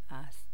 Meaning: third-person singular present of بودن (budan, “to be”); is
- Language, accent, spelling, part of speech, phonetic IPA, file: Persian, Iran, است, verb, [ʔæst̪ʰ], Fa-است.ogg